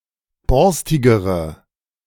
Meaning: inflection of borstig: 1. strong/mixed nominative/accusative feminine singular comparative degree 2. strong nominative/accusative plural comparative degree
- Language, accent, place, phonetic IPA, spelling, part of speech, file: German, Germany, Berlin, [ˈbɔʁstɪɡəʁə], borstigere, adjective, De-borstigere.ogg